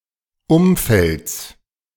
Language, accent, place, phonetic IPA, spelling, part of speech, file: German, Germany, Berlin, [ˈʊmˌfɛlt͡s], Umfelds, noun, De-Umfelds.ogg
- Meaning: genitive singular of Umfeld